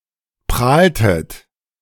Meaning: inflection of prahlen: 1. second-person plural preterite 2. second-person plural subjunctive II
- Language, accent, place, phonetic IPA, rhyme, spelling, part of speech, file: German, Germany, Berlin, [ˈpʁaːltət], -aːltət, prahltet, verb, De-prahltet.ogg